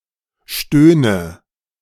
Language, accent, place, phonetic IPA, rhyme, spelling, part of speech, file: German, Germany, Berlin, [ˈʃtøːnə], -øːnə, stöhne, verb, De-stöhne.ogg
- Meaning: inflection of stöhnen: 1. first-person singular present 2. first/third-person singular subjunctive I 3. singular imperative